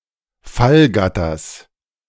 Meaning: genitive singular of Fallgatter
- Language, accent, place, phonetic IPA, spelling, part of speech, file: German, Germany, Berlin, [ˈfalˌɡatɐs], Fallgatters, noun, De-Fallgatters.ogg